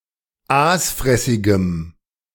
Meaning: strong dative masculine/neuter singular of aasfressig
- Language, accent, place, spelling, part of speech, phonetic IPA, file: German, Germany, Berlin, aasfressigem, adjective, [ˈaːsˌfʁɛsɪɡəm], De-aasfressigem.ogg